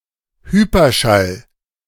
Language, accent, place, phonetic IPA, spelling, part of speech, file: German, Germany, Berlin, [ˈhyːpɐˌʃal], Hyperschall, noun, De-Hyperschall.ogg
- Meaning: hypersonic sound